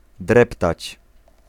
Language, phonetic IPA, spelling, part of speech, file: Polish, [ˈdrɛptat͡ɕ], dreptać, verb, Pl-dreptać.ogg